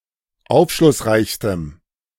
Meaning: strong dative masculine/neuter singular superlative degree of aufschlussreich
- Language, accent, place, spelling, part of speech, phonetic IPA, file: German, Germany, Berlin, aufschlussreichstem, adjective, [ˈaʊ̯fʃlʊsˌʁaɪ̯çstəm], De-aufschlussreichstem.ogg